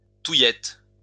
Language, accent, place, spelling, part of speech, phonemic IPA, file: French, France, Lyon, touillette, noun, /tu.jɛt/, LL-Q150 (fra)-touillette.wav
- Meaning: swizzle stick